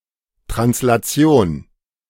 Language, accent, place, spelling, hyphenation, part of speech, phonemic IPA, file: German, Germany, Berlin, Translation, Trans‧la‧ti‧on, noun, /tʁanslaˈt͡si̯oːn/, De-Translation.ogg
- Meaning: 1. translation (motion without deformation or rotation) 2. translation (process whereby a strand of mRNA directs assembly of amino acids into proteins within a ribosome)